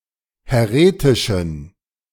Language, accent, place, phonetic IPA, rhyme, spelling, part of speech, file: German, Germany, Berlin, [hɛˈʁeːtɪʃn̩], -eːtɪʃn̩, häretischen, adjective, De-häretischen.ogg
- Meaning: inflection of häretisch: 1. strong genitive masculine/neuter singular 2. weak/mixed genitive/dative all-gender singular 3. strong/weak/mixed accusative masculine singular 4. strong dative plural